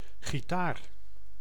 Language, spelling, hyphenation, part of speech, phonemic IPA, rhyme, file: Dutch, gitaar, gi‧taar, noun, /ɣiˈtaːr/, -aːr, Nl-gitaar.ogg
- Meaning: guitar